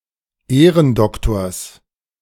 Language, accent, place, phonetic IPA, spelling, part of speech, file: German, Germany, Berlin, [ˈeːʁənˌdɔktoːɐ̯s], Ehrendoktors, noun, De-Ehrendoktors.ogg
- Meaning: genitive singular of Ehrendoktor